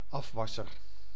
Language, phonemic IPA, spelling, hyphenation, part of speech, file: Dutch, /ˈɑfʋɑsər/, afwasser, af‧was‧ser, noun, Nl-afwasser.ogg
- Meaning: dishwasher, person